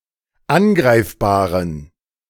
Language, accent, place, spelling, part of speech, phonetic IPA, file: German, Germany, Berlin, angreifbaren, adjective, [ˈanˌɡʁaɪ̯fbaːʁən], De-angreifbaren.ogg
- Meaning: inflection of angreifbar: 1. strong genitive masculine/neuter singular 2. weak/mixed genitive/dative all-gender singular 3. strong/weak/mixed accusative masculine singular 4. strong dative plural